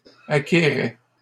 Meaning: third-person plural imperfect indicative of acquérir
- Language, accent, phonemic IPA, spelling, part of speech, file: French, Canada, /a.ke.ʁɛ/, acquéraient, verb, LL-Q150 (fra)-acquéraient.wav